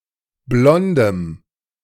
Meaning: strong dative masculine/neuter singular of blond
- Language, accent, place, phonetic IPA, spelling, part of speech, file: German, Germany, Berlin, [ˈblɔndəm], blondem, adjective, De-blondem.ogg